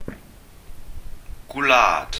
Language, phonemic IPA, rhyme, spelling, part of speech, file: Welsh, /ɡwlaːd/, -aːd, gwlad, noun, Cy-gwlad.ogg
- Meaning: 1. country, nation, realm, land 2. countryside